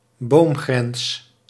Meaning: tree line, timber line (boundary up to which trees grow, usually pertaining to altitude)
- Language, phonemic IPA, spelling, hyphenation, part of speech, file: Dutch, /ˈboːm.ɣrɛns/, boomgrens, boom‧grens, noun, Nl-boomgrens.ogg